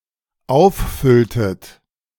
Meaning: inflection of auffüllen: 1. second-person plural dependent preterite 2. second-person plural dependent subjunctive II
- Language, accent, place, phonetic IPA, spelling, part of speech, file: German, Germany, Berlin, [ˈaʊ̯fˌfʏltət], auffülltet, verb, De-auffülltet.ogg